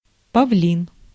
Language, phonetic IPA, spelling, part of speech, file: Russian, [pɐˈvlʲin], павлин, noun, Ru-павлин.ogg
- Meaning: peacock, peafowl, pheasant